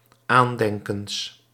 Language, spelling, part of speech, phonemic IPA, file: Dutch, aandenkens, noun, /ˈandɛŋkəns/, Nl-aandenkens.ogg
- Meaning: plural of aandenken